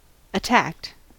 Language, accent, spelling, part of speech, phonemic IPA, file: English, US, attacked, verb, /əˈtækt/, En-us-attacked.ogg
- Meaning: simple past and past participle of attack